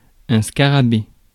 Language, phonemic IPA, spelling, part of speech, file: French, /ska.ʁa.be/, scarabée, noun, Fr-scarabée.ogg
- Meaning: beetle